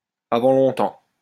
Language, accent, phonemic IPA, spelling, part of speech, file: French, France, /a.vɑ̃ lɔ̃.tɑ̃/, avant longtemps, adverb, LL-Q150 (fra)-avant longtemps.wav
- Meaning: before long, soon